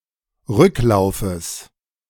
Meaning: genitive singular of Rücklauf
- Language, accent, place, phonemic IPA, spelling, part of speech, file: German, Germany, Berlin, /ˈʁʏklaʊ̯fəs/, Rücklaufes, noun, De-Rücklaufes.ogg